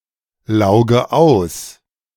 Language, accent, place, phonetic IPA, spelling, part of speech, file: German, Germany, Berlin, [ˌlaʊ̯ɡə ˈaʊ̯s], lauge aus, verb, De-lauge aus.ogg
- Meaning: inflection of auslaugen: 1. first-person singular present 2. first/third-person singular subjunctive I 3. singular imperative